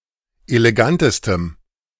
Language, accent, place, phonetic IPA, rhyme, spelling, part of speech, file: German, Germany, Berlin, [eleˈɡantəstəm], -antəstəm, elegantestem, adjective, De-elegantestem.ogg
- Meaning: strong dative masculine/neuter singular superlative degree of elegant